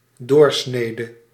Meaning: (noun) 1. an intersection (in geometry, in arts, in set theory); intersecting line 2. a cross section 3. diameter 4. a representative sample; average
- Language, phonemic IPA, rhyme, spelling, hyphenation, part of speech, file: Dutch, /ˈdoːrˌsneː.də/, -eːdə, doorsnede, door‧sne‧de, noun / verb, Nl-doorsnede.ogg